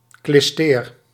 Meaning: enema, clyster
- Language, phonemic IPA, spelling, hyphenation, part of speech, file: Dutch, /klɪsˈteːr/, klisteer, klis‧teer, noun, Nl-klisteer.ogg